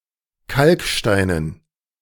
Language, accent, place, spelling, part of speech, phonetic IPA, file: German, Germany, Berlin, Kalksteinen, noun, [ˈkalkˌʃtaɪ̯nən], De-Kalksteinen.ogg
- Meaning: dative plural of Kalkstein